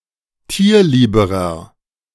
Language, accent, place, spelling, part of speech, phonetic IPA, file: German, Germany, Berlin, tierlieberer, adjective, [ˈtiːɐ̯ˌliːbəʁɐ], De-tierlieberer.ogg
- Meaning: inflection of tierlieb: 1. strong/mixed nominative masculine singular comparative degree 2. strong genitive/dative feminine singular comparative degree 3. strong genitive plural comparative degree